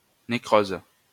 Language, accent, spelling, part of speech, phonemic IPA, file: French, France, nécrose, noun, /ne.kʁoz/, LL-Q150 (fra)-nécrose.wav
- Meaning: necrosis